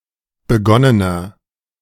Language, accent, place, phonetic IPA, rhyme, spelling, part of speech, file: German, Germany, Berlin, [bəˈɡɔnənɐ], -ɔnənɐ, begonnener, adjective, De-begonnener.ogg
- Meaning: inflection of begonnen: 1. strong/mixed nominative masculine singular 2. strong genitive/dative feminine singular 3. strong genitive plural